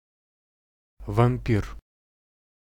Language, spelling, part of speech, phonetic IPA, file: Russian, вампир, noun, [vɐm⁽ʲ⁾ˈpʲir], Ru-вампир.ogg
- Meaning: 1. vampire (mythological creature, also figuratively) 2. vampire bat 3. ellipsis of энергетический вампир (energetičeskij vampir)